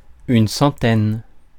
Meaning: 1. a hundred or so, about a hundred 2. hundreds (in arithmetic)
- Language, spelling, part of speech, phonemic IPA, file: French, centaine, noun, /sɑ̃.tɛn/, Fr-centaine.ogg